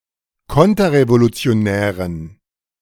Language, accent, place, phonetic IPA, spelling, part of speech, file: German, Germany, Berlin, [ˈkɔntɐʁevolut͡si̯oˌnɛːʁən], konterrevolutionären, adjective, De-konterrevolutionären.ogg
- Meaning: inflection of konterrevolutionär: 1. strong genitive masculine/neuter singular 2. weak/mixed genitive/dative all-gender singular 3. strong/weak/mixed accusative masculine singular